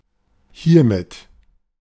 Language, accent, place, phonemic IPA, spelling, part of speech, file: German, Germany, Berlin, /ˈhiːɐ̯mɪt/, hiermit, adverb, De-hiermit.ogg
- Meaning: hereby (formal phrase)